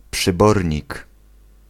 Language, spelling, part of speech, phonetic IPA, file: Polish, przybornik, noun, [pʃɨˈbɔrʲɲik], Pl-przybornik.ogg